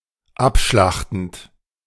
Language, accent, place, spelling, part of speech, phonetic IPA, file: German, Germany, Berlin, abschlachtend, verb, [ˈapˌʃlaxtn̩t], De-abschlachtend.ogg
- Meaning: present participle of abschlachten